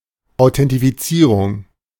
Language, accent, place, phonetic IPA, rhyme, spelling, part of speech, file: German, Germany, Berlin, [aʊ̯tɛntifiˈt͡siːʁʊŋ], -iːʁʊŋ, Authentifizierung, noun, De-Authentifizierung.ogg
- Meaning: authentication (proofing the identity of something)